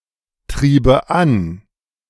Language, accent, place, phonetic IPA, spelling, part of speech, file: German, Germany, Berlin, [ˌtʁiːbə ˈan], triebe an, verb, De-triebe an.ogg
- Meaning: first/third-person singular subjunctive II of antreiben